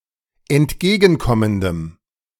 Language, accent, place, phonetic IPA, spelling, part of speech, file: German, Germany, Berlin, [ɛntˈɡeːɡn̩ˌkɔməndəm], entgegenkommendem, adjective, De-entgegenkommendem.ogg
- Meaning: strong dative masculine/neuter singular of entgegenkommend